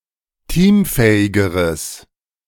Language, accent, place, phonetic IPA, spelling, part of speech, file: German, Germany, Berlin, [ˈtiːmˌfɛːɪɡəʁəs], teamfähigeres, adjective, De-teamfähigeres.ogg
- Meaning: strong/mixed nominative/accusative neuter singular comparative degree of teamfähig